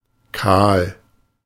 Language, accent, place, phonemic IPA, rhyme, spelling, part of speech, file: German, Germany, Berlin, /kaːl/, -aːl, kahl, adjective, De-kahl.ogg
- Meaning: 1. bald, hairless 2. barren, bleak, empty, stark, bland